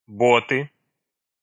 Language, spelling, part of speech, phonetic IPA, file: Russian, боты, noun, [ˈbotɨ], Ru-боты.ogg
- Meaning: inflection of бот (bot): 1. nominative/accusative plural 2. inanimate accusative plural